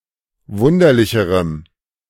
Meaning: strong dative masculine/neuter singular comparative degree of wunderlich
- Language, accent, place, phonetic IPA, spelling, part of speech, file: German, Germany, Berlin, [ˈvʊndɐlɪçəʁəm], wunderlicherem, adjective, De-wunderlicherem.ogg